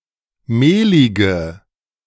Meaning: inflection of mehlig: 1. strong/mixed nominative/accusative feminine singular 2. strong nominative/accusative plural 3. weak nominative all-gender singular 4. weak accusative feminine/neuter singular
- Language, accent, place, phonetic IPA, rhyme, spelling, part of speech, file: German, Germany, Berlin, [ˈmeːlɪɡə], -eːlɪɡə, mehlige, adjective, De-mehlige.ogg